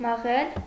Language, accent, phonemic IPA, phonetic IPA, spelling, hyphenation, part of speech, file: Armenian, Eastern Armenian, /mɑˈʁel/, [mɑʁél], մաղել, մա‧ղել, verb, Hy-մաղել.ogg
- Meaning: 1. to sieve; to sift 2. to drizzle